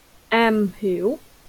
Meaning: to have thorough knowledge of; to be an expert in
- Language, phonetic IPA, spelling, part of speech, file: Vietnamese, [ʔaːm˧˧ hiw˨˩˦], am hiểu, verb, LL-Q9199 (vie)-am hiểu.wav